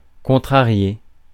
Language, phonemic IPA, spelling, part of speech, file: French, /kɔ̃.tʁa.ʁje/, contrarier, verb, Fr-contrarier.ogg
- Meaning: 1. to thwart 2. to upset 3. to stand in the way of